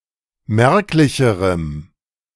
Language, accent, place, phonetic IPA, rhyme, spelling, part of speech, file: German, Germany, Berlin, [ˈmɛʁklɪçəʁəm], -ɛʁklɪçəʁəm, merklicherem, adjective, De-merklicherem.ogg
- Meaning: strong dative masculine/neuter singular comparative degree of merklich